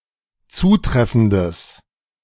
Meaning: strong/mixed nominative/accusative neuter singular of zutreffend
- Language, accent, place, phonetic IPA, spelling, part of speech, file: German, Germany, Berlin, [ˈt͡suːˌtʁɛfn̩dəs], zutreffendes, adjective, De-zutreffendes.ogg